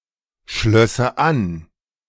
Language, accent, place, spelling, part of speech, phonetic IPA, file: German, Germany, Berlin, schlösse an, verb, [ˌʃlœsə ˈan], De-schlösse an.ogg
- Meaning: first/third-person singular subjunctive II of anschließen